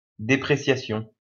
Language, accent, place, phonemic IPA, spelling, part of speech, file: French, France, Lyon, /de.pʁe.sja.sjɔ̃/, dépréciation, noun, LL-Q150 (fra)-dépréciation.wav
- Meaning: depreciation